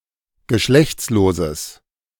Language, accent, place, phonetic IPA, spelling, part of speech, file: German, Germany, Berlin, [ɡəˈʃlɛçt͡sloːzəs], geschlechtsloses, adjective, De-geschlechtsloses.ogg
- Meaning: strong/mixed nominative/accusative neuter singular of geschlechtslos